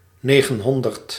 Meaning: nine hundred
- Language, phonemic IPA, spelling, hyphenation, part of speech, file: Dutch, /ˈneː.ɣənˌɦɔn.dərt/, negenhonderd, ne‧gen‧hon‧derd, numeral, Nl-negenhonderd.ogg